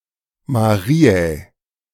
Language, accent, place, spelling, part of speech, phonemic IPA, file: German, Germany, Berlin, Mariä, proper noun, /maˈʁiːɛː/, De-Mariä.ogg
- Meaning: genitive/dative singular of Maria